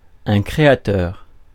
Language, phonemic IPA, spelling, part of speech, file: French, /kʁe.a.tœʁ/, créateur, noun / adjective, Fr-créateur.ogg
- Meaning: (noun) creator; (adjective) creative (e.g. des processus créateurs = creative processes)